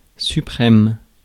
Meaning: 1. supreme 2. last
- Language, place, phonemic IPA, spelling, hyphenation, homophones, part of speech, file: French, Paris, /sy.pʁɛm/, suprême, su‧prême, suprêmes, adjective, Fr-suprême.ogg